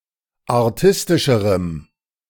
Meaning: strong dative masculine/neuter singular comparative degree of artistisch
- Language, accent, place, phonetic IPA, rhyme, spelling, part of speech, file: German, Germany, Berlin, [aʁˈtɪstɪʃəʁəm], -ɪstɪʃəʁəm, artistischerem, adjective, De-artistischerem.ogg